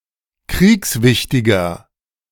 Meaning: 1. comparative degree of kriegswichtig 2. inflection of kriegswichtig: strong/mixed nominative masculine singular 3. inflection of kriegswichtig: strong genitive/dative feminine singular
- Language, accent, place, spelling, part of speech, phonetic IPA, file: German, Germany, Berlin, kriegswichtiger, adjective, [ˈkʁiːksˌvɪçtɪɡɐ], De-kriegswichtiger.ogg